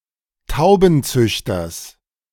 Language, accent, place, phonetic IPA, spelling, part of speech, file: German, Germany, Berlin, [ˈtaʊ̯bn̩ˌt͡sʏçtɐs], Taubenzüchters, noun, De-Taubenzüchters.ogg
- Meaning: genitive singular of Taubenzüchter